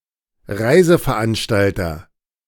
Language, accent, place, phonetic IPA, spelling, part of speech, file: German, Germany, Berlin, [ˈʁaɪ̯zəfɛɐ̯ˌʔanʃtaltɐ], Reiseveranstalter, noun, De-Reiseveranstalter.ogg
- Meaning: tour operator